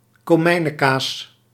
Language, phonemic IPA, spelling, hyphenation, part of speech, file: Dutch, /koːˈmɛi̯.nəˌkaːs/, komijnekaas, ko‧mij‧ne‧kaas, noun, Nl-komijnekaas.ogg
- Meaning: cumin cheese